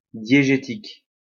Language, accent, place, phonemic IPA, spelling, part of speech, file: French, France, Lyon, /dje.ʒe.tik/, diégétique, adjective, LL-Q150 (fra)-diégétique.wav
- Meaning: diegetic